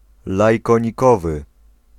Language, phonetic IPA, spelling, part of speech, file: Polish, [ˌlajkɔ̃ɲiˈkɔvɨ], lajkonikowy, adjective, Pl-lajkonikowy.ogg